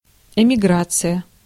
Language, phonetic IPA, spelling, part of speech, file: Russian, [ɪmʲɪˈɡrat͡sɨjə], эмиграция, noun, Ru-эмиграция.ogg
- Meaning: emigration